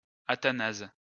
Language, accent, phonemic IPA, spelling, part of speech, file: French, France, /a.ta.naz/, Athanase, proper noun, LL-Q150 (fra)-Athanase.wav
- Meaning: a male given name from Ancient Greek, equivalent to English Athanasius